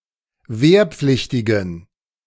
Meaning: inflection of wehrpflichtig: 1. strong genitive masculine/neuter singular 2. weak/mixed genitive/dative all-gender singular 3. strong/weak/mixed accusative masculine singular 4. strong dative plural
- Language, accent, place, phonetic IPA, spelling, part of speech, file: German, Germany, Berlin, [ˈveːɐ̯ˌp͡flɪçtɪɡn̩], wehrpflichtigen, adjective, De-wehrpflichtigen.ogg